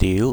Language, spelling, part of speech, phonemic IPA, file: Cantonese, diu2, romanization, /tiːu˧˥/, Yue-diu2.ogg
- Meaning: 1. Jyutping transcription of 䄪 2. Jyutping transcription of 𨳒 /𮤭